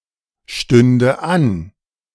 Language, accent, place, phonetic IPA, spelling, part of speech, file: German, Germany, Berlin, [ˌʃtʏndə ˈan], stünde an, verb, De-stünde an.ogg
- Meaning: first/third-person singular subjunctive II of anstehen